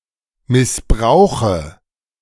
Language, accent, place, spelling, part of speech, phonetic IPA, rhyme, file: German, Germany, Berlin, missbrauche, verb, [mɪsˈbʁaʊ̯xə], -aʊ̯xə, De-missbrauche.ogg
- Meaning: inflection of missbrauchen: 1. first-person singular present 2. first/third-person singular subjunctive I 3. singular imperative